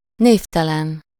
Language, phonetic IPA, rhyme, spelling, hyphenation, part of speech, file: Hungarian, [ˈneːftɛlɛn], -ɛn, névtelen, név‧te‧len, adjective, Hu-névtelen.ogg
- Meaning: anonymous